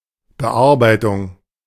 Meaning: 1. edit (a change to the text of a document) 2. processing 3. dressing
- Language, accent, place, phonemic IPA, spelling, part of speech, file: German, Germany, Berlin, /bəˈʔaʁbaɪ̯tʊŋ/, Bearbeitung, noun, De-Bearbeitung.ogg